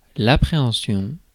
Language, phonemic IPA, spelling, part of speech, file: French, /a.pʁe.ɑ̃.sjɔ̃/, appréhension, noun, Fr-appréhension.ogg
- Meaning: 1. apprehension (anticipation, especially of unfavorable things such as dread or fear or the prospect of something unpleasant in the future) 2. understanding, comprehension, perception